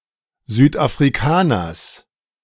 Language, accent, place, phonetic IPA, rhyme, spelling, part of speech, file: German, Germany, Berlin, [zyːtʔafʁiˈkaːnɐs], -aːnɐs, Südafrikaners, noun, De-Südafrikaners.ogg
- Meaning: genitive singular of Südafrikaner